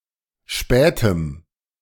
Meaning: strong dative masculine/neuter singular of spät
- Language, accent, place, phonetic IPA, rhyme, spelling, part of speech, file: German, Germany, Berlin, [ˈʃpɛːtəm], -ɛːtəm, spätem, adjective, De-spätem.ogg